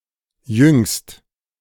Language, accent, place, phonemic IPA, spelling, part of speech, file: German, Germany, Berlin, /jʏŋst/, jüngst, adverb, De-jüngst.ogg
- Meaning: lately